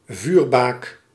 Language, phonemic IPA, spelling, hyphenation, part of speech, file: Dutch, /ˈvyːr.baːk/, vuurbaak, vuur‧baak, noun, Nl-vuurbaak.ogg
- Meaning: beacon for signaling light to vessels, smaller than a lighthouse